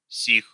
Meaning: inflection of сей (sej): 1. genitive/prepositional plural 2. animate accusative plural
- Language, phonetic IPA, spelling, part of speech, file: Russian, [sʲix], сих, pronoun, Ru-сих.ogg